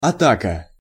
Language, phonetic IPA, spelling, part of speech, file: Russian, [ɐˈtakə], атака, noun, Ru-атака.ogg
- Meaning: attack, assault